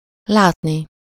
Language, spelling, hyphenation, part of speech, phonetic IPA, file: Hungarian, látni, lát‧ni, verb, [ˈlaːtni], Hu-látni.ogg
- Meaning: infinitive of lát